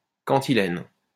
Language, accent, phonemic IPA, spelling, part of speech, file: French, France, /kɑ̃.ti.lɛn/, cantilène, noun, LL-Q150 (fra)-cantilène.wav
- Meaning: 1. cantilena; a lyrical text 2. a repetitive, gloomy song